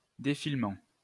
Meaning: 1. defilement: the use of terrain and fortification to protect a location from enfilading fire 2. unreeling, unwinding 3. playing, showing, projection 4. scrolling
- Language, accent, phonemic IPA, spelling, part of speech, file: French, France, /de.fil.mɑ̃/, défilement, noun, LL-Q150 (fra)-défilement.wav